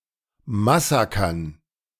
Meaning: dative plural of Massaker
- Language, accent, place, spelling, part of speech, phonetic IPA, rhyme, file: German, Germany, Berlin, Massakern, noun, [maˈsaːkɐn], -aːkɐn, De-Massakern.ogg